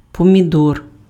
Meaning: tomato
- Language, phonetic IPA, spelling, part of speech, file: Ukrainian, [pɔmʲiˈdɔr], помідор, noun, Uk-помідор.ogg